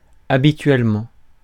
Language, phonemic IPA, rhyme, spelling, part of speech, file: French, /a.bi.tɥɛl.mɑ̃/, -ɑ̃, habituellement, adverb, Fr-habituellement.ogg
- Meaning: usually, habitually